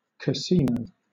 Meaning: 1. A public building or room for gambling 2. A small house; a pleasure house or holiday home, especially in Italy 3. A certain Italian card game for two to four players
- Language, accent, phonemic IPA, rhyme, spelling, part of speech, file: English, Southern England, /kəˈsiːnəʊ/, -iːnəʊ, casino, noun, LL-Q1860 (eng)-casino.wav